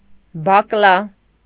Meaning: broad bean, Vicia faba
- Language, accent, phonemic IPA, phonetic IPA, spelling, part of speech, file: Armenian, Eastern Armenian, /bɑkˈlɑ/, [bɑklɑ́], բակլա, noun, Hy-բակլա.ogg